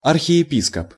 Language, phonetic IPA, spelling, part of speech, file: Russian, [ɐrxʲɪ(j)ɪˈpʲiskəp], архиепископ, noun, Ru-архиепископ.ogg
- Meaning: archbishop